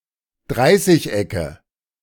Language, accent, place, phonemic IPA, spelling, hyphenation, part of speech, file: German, Germany, Berlin, /ˈdʁaɪ̯sɪç.ɛkə/, Dreißigecke, Drei‧ßig‧ecke, noun, De-Dreißigecke.ogg
- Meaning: nominative/accusative/genitive plural of Dreißigeck